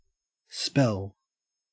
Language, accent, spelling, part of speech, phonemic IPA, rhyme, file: English, Australia, spell, noun / verb, /spɛl/, -ɛl, En-au-spell.ogg
- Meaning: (noun) 1. Words or a formula supposed to have magical powers 2. A magical effect or influence induced by an incantation or formula 3. Speech, discourse